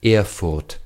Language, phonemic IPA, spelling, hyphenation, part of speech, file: German, /ˈɛʁfʊʁt/, Erfurt, Er‧furt, proper noun, De-Erfurt.ogg
- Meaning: Erfurt (the capital and largest city of Thuringia, Germany)